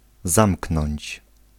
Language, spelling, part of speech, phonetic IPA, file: Polish, zamknąć, verb, [ˈzãmknɔ̃ɲt͡ɕ], Pl-zamknąć.ogg